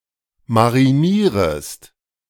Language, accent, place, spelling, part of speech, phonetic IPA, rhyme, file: German, Germany, Berlin, marinierest, verb, [maʁiˈniːʁəst], -iːʁəst, De-marinierest.ogg
- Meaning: second-person singular subjunctive I of marinieren